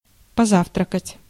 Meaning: to have breakfast, to breakfast, to lunch
- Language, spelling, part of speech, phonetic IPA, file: Russian, позавтракать, verb, [pɐˈzaftrəkətʲ], Ru-позавтракать.ogg